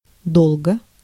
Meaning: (adverb) a long time; for a long time; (adjective) short neuter singular of до́лгий (dólgij)
- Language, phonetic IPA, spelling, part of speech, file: Russian, [ˈdoɫɡə], долго, adverb / adjective, Ru-долго.ogg